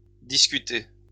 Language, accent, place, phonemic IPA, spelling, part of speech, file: French, France, Lyon, /dis.ky.te/, discuté, verb, LL-Q150 (fra)-discuté.wav
- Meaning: past participle of discuter